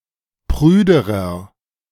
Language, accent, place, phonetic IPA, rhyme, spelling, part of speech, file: German, Germany, Berlin, [ˈpʁyːdəʁɐ], -yːdəʁɐ, prüderer, adjective, De-prüderer.ogg
- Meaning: inflection of prüde: 1. strong/mixed nominative masculine singular comparative degree 2. strong genitive/dative feminine singular comparative degree 3. strong genitive plural comparative degree